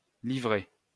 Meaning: 1. pamphlet 2. libretto
- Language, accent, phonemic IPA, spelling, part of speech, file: French, France, /li.vʁɛ/, livret, noun, LL-Q150 (fra)-livret.wav